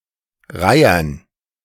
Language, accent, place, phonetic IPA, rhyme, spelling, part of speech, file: German, Germany, Berlin, [ˈʁaɪ̯ɐn], -aɪ̯ɐn, Reihern, noun, De-Reihern.ogg
- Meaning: dative plural of Reiher